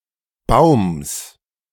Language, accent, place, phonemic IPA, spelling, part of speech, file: German, Germany, Berlin, /baʊ̯ms/, Baums, noun, De-Baums.ogg
- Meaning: genitive singular of Baum